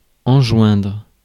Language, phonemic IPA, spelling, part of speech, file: French, /ɑ̃.ʒwɛ̃dʁ/, enjoindre, verb, Fr-enjoindre.ogg
- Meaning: to order; to enjoin (someone à faire something)